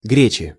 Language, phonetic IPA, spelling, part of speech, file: Russian, [ˈɡrʲet͡ɕɪ], гречи, noun, Ru-гречи.ogg
- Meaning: inflection of гре́ча (gréča): 1. genitive singular 2. nominative/accusative plural